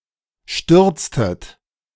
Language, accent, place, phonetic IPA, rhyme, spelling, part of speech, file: German, Germany, Berlin, [ˈʃtʏʁt͡stət], -ʏʁt͡stət, stürztet, verb, De-stürztet.ogg
- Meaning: inflection of stürzen: 1. second-person plural preterite 2. second-person plural subjunctive II